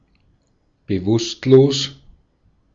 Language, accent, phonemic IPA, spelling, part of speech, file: German, Austria, /bəˈvʊstloːs/, bewusstlos, adjective, De-at-bewusstlos.ogg
- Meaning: unconscious (not conscious, not awake)